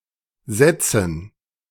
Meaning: dative plural of Satz
- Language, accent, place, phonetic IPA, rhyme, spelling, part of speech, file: German, Germany, Berlin, [ˈzɛt͡sn̩], -ɛt͡sn̩, Sätzen, noun, De-Sätzen.ogg